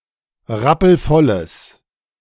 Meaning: strong/mixed nominative/accusative neuter singular of rappelvoll
- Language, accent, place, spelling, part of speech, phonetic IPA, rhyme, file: German, Germany, Berlin, rappelvolles, adjective, [ˈʁapl̩ˈfɔləs], -ɔləs, De-rappelvolles.ogg